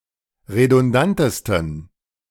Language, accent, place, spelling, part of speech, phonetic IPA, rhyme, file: German, Germany, Berlin, redundantesten, adjective, [ʁedʊnˈdantəstn̩], -antəstn̩, De-redundantesten.ogg
- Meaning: 1. superlative degree of redundant 2. inflection of redundant: strong genitive masculine/neuter singular superlative degree